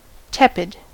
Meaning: 1. Lukewarm; neither warm nor cool 2. Uninterested; exhibiting little passion or eagerness; lukewarm
- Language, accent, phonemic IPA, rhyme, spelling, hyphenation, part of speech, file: English, US, /ˈtɛpɪd/, -ɛpɪd, tepid, tep‧id, adjective, En-us-tepid.ogg